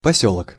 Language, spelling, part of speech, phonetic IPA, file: Russian, посёлок, noun, [pɐˈsʲɵɫək], Ru-посёлок.ogg
- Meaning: 1. small settlement, village 2. town